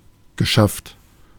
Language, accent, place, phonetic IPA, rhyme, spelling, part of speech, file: German, Germany, Berlin, [ɡəˈʃaft], -aft, geschafft, adjective / verb, De-geschafft.ogg
- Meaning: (verb) past participle of schaffen; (adjective) exhausted